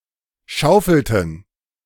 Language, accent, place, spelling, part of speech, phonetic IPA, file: German, Germany, Berlin, schaufelten, verb, [ˈʃaʊ̯fl̩tn̩], De-schaufelten.ogg
- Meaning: inflection of schaufeln: 1. first/third-person plural preterite 2. first/third-person plural subjunctive II